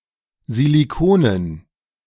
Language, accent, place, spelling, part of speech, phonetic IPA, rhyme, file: German, Germany, Berlin, Silikonen, noun, [ziliˈkoːnən], -oːnən, De-Silikonen.ogg
- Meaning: dative plural of Silikon